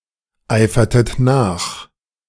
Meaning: inflection of nacheifern: 1. second-person plural preterite 2. second-person plural subjunctive II
- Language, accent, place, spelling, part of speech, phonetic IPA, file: German, Germany, Berlin, eifertet nach, verb, [ˌaɪ̯fɐtət ˈnaːx], De-eifertet nach.ogg